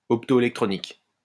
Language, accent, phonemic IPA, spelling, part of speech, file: French, France, /ɔp.to.e.lɛk.tʁɔ.nik/, optoélectronique, adjective / noun, LL-Q150 (fra)-optoélectronique.wav
- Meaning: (adjective) optoelectronic; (noun) optoelectronics